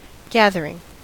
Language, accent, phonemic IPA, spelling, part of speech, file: English, US, /ˈɡæð.ɚ.ɪŋ/, gathering, noun / verb / adjective, En-us-gathering.ogg
- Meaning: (noun) 1. A meeting or get-together; a party or social function 2. A group of people or things 3. A section, a group of bifolios, or sheets of paper, stacked together and folded in half